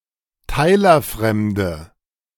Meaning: inflection of teilerfremd: 1. strong/mixed nominative/accusative feminine singular 2. strong nominative/accusative plural 3. weak nominative all-gender singular
- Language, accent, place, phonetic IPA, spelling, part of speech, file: German, Germany, Berlin, [ˈtaɪ̯lɐˌfʁɛmdə], teilerfremde, adjective, De-teilerfremde.ogg